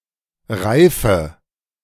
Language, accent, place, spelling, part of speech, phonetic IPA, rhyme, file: German, Germany, Berlin, reife, adjective / verb, [ˈʁaɪ̯fə], -aɪ̯fə, De-reife.ogg
- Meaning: inflection of reifen: 1. first-person singular present 2. first/third-person singular subjunctive I 3. singular imperative